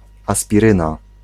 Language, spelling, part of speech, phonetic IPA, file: Polish, aspiryna, noun, [ˌaspʲiˈrɨ̃na], Pl-aspiryna.ogg